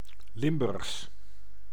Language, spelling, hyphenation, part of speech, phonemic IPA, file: Dutch, Limburgs, Lim‧burgs, proper noun / adjective, /ˈlɪm.bʏrxs/, Nl-Limburgs.ogg
- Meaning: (proper noun) Limburgish (the Germanic language); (adjective) Limburgish (related to the language or the Limburg region)